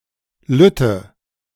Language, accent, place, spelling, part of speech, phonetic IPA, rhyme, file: German, Germany, Berlin, lütte, adjective, [ˈlʏtə], -ʏtə, De-lütte.ogg
- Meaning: inflection of lütt: 1. strong/mixed nominative/accusative feminine singular 2. strong nominative/accusative plural 3. weak nominative all-gender singular 4. weak accusative feminine/neuter singular